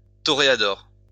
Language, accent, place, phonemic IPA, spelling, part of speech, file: French, France, Lyon, /tɔ.ʁe.a.dɔʁ/, toréador, noun, LL-Q150 (fra)-toréador.wav
- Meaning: toreador (bullfighter)